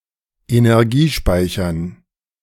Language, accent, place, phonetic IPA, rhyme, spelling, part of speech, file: German, Germany, Berlin, [enɛʁˈɡiːˌʃpaɪ̯çɐn], -iːʃpaɪ̯çɐn, Energiespeichern, noun, De-Energiespeichern.ogg
- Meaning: dative plural of Energiespeicher